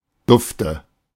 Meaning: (adjective) good, great, sweet; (verb) inflection of duften: 1. first-person singular present 2. first/third-person singular subjunctive I 3. singular imperative
- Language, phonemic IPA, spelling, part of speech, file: German, /ˈdʊftə/, dufte, adjective / verb, De-dufte.oga